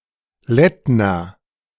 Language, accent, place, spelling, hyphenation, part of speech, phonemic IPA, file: German, Germany, Berlin, Lettner, Lett‧ner, noun, /ˈlɛtnɐ/, De-Lettner.ogg
- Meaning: rood screen (carved screen)